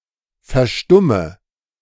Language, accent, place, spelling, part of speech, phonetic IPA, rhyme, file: German, Germany, Berlin, verstumme, verb, [fɛɐ̯ˈʃtʊmə], -ʊmə, De-verstumme.ogg
- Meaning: inflection of verstummen: 1. first-person singular present 2. singular imperative 3. first/third-person singular subjunctive I